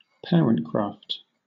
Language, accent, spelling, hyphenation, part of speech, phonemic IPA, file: English, Southern England, parentcraft, pa‧rent‧craft, noun, /ˈpɛəɹəntkɹɑːft/, LL-Q1860 (eng)-parentcraft.wav
- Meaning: The skills and knowledge used by parents in raising children